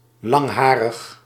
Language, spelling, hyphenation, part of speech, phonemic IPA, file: Dutch, langharig, lang‧ha‧rig, adjective, /ˈlɑŋˌɦaː.rəx/, Nl-langharig.ogg
- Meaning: long-haired, having long headhair (humans or humanoids) or having long fur hairs (other mammals)